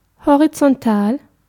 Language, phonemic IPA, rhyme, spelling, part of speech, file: German, /hoʁit͡sɔnˈtaːl/, -aːl, horizontal, adjective, De-horizontal.ogg
- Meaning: horizontal